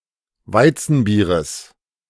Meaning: genitive of Weizenbier
- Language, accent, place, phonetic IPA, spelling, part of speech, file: German, Germany, Berlin, [ˈvaɪ̯t͡sn̩ˌbiːʁəs], Weizenbieres, noun, De-Weizenbieres.ogg